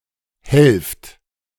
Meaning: inflection of helfen: 1. second-person plural present 2. plural imperative
- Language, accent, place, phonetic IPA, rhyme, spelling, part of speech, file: German, Germany, Berlin, [hɛlft], -ɛlft, helft, verb, De-helft.ogg